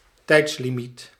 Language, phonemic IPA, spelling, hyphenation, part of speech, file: Dutch, /ˈtɛi̯ts.liˌmit/, tijdslimiet, tijds‧li‧miet, noun, Nl-tijdslimiet.ogg
- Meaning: time limit